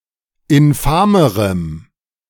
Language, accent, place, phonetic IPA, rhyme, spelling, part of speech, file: German, Germany, Berlin, [ɪnˈfaːməʁəm], -aːməʁəm, infamerem, adjective, De-infamerem.ogg
- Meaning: strong dative masculine/neuter singular comparative degree of infam